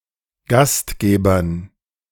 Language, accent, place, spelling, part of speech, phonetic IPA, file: German, Germany, Berlin, Gastgebern, noun, [ˈɡastˌɡeːbɐn], De-Gastgebern.ogg
- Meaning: dative plural of Gastgeber